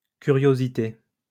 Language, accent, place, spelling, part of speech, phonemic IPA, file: French, France, Lyon, curiosités, noun, /ky.ʁjo.zi.te/, LL-Q150 (fra)-curiosités.wav
- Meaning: plural of curiosité